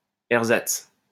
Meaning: ersatz
- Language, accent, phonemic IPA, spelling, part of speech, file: French, France, /ɛʁ.zats/, ersatz, noun, LL-Q150 (fra)-ersatz.wav